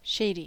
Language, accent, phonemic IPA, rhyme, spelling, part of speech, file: English, US, /ˈʃeɪdi/, -eɪdi, shady, adjective, En-us-shady.ogg
- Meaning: 1. Abounding in shades 2. Causing shade 3. Overspread with shade; sheltered from the glare of light or sultry heat 4. Not trustworthy; disreputable 5. Mean, cruel